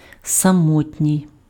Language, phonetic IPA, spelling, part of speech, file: Ukrainian, [sɐˈmɔtʲnʲii̯], самотній, adjective, Uk-самотній.ogg
- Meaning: lonely, alone